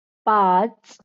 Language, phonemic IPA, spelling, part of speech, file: Marathi, /pat͡s/, पाच, numeral, LL-Q1571 (mar)-पाच.wav
- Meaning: five